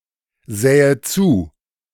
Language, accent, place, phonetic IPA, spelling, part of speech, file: German, Germany, Berlin, [ˌzɛːə ˈt͡suː], sähe zu, verb, De-sähe zu.ogg
- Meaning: first/third-person singular subjunctive II of zusehen